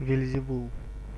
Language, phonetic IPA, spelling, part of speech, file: Russian, [vʲɪlʲzʲɪˈvuɫ], Вельзевул, proper noun, Ru-Вельзевул.ogg
- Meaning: Beelzebub